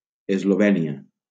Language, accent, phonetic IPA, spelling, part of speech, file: Catalan, Valencia, [ez.loˈvɛ.ni.a], Eslovènia, proper noun, LL-Q7026 (cat)-Eslovènia.wav
- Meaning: Slovenia (a country on the Balkan Peninsula in Central Europe)